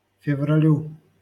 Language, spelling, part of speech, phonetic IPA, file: Russian, февралю, noun, [fʲɪvrɐˈlʲu], LL-Q7737 (rus)-февралю.wav
- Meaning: dative singular of февра́ль (fevrálʹ)